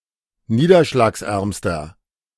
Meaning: inflection of niederschlagsarm: 1. strong/mixed nominative masculine singular superlative degree 2. strong genitive/dative feminine singular superlative degree
- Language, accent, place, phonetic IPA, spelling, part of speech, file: German, Germany, Berlin, [ˈniːdɐʃlaːksˌʔɛʁmstɐ], niederschlagsärmster, adjective, De-niederschlagsärmster.ogg